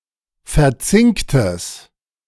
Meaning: strong/mixed nominative/accusative neuter singular of verzinkt
- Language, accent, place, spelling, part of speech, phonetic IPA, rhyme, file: German, Germany, Berlin, verzinktes, adjective, [fɛɐ̯ˈt͡sɪŋktəs], -ɪŋktəs, De-verzinktes.ogg